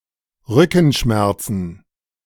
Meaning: plural of Rückenschmerz
- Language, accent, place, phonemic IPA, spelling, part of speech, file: German, Germany, Berlin, /ˈʁʏkn̩ˌʃmɛʁt͡sn̩/, Rückenschmerzen, noun, De-Rückenschmerzen.ogg